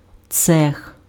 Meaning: shop, section (of a factory)
- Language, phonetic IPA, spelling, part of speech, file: Ukrainian, [t͡sɛx], цех, noun, Uk-цех.ogg